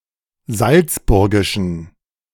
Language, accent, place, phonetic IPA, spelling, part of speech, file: German, Germany, Berlin, [ˈzalt͡sˌbʊʁɡɪʃn̩], salzburgischen, adjective, De-salzburgischen.ogg
- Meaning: inflection of salzburgisch: 1. strong genitive masculine/neuter singular 2. weak/mixed genitive/dative all-gender singular 3. strong/weak/mixed accusative masculine singular 4. strong dative plural